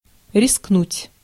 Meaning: to risk, to venture, to adventure (to run the risk of)
- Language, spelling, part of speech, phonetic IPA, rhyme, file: Russian, рискнуть, verb, [rʲɪskˈnutʲ], -utʲ, Ru-рискнуть.ogg